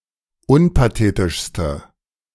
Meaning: inflection of unpathetisch: 1. strong/mixed nominative/accusative feminine singular superlative degree 2. strong nominative/accusative plural superlative degree
- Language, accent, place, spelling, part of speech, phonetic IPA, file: German, Germany, Berlin, unpathetischste, adjective, [ˈʊnpaˌteːtɪʃstə], De-unpathetischste.ogg